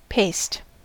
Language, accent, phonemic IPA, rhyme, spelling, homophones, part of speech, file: English, US, /peɪst/, -eɪst, paste, paced, noun / verb, En-us-paste.ogg
- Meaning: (noun) A soft moist mixture, in particular: 1. One of flour, fat, or similar ingredients used in making pastry 2. Pastry 3. One of pounded foods, such as fish paste, liver paste, or tomato paste